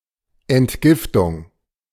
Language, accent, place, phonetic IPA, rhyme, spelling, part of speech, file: German, Germany, Berlin, [ɛntˈɡɪftʊŋ], -ɪftʊŋ, Entgiftung, noun, De-Entgiftung.ogg
- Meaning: detoxification